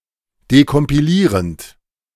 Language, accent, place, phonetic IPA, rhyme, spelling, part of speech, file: German, Germany, Berlin, [dekɔmpiˈliːʁənt], -iːʁənt, dekompilierend, verb, De-dekompilierend.ogg
- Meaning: present participle of dekompilieren